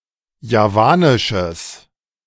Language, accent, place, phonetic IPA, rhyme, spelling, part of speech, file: German, Germany, Berlin, [jaˈvaːnɪʃəs], -aːnɪʃəs, javanisches, adjective, De-javanisches.ogg
- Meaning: strong/mixed nominative/accusative neuter singular of javanisch